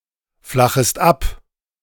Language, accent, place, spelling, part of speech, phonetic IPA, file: German, Germany, Berlin, flachest ab, verb, [ˌflaxəst ˈap], De-flachest ab.ogg
- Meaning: second-person singular subjunctive I of abflachen